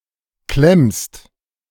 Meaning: second-person singular present of klemmen
- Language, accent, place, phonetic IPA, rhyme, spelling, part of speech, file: German, Germany, Berlin, [klɛmst], -ɛmst, klemmst, verb, De-klemmst.ogg